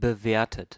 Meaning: 1. past participle of bewerten 2. inflection of bewerten: third-person singular present 3. inflection of bewerten: second-person plural present
- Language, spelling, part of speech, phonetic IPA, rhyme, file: German, bewertet, verb, [bəˈveːɐ̯tət], -eːɐ̯tət, De-bewertet.ogg